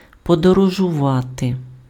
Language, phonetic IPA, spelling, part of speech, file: Ukrainian, [pɔdɔrɔʒʊˈʋate], подорожувати, verb, Uk-подорожувати.ogg
- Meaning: to travel, to voyage, to journey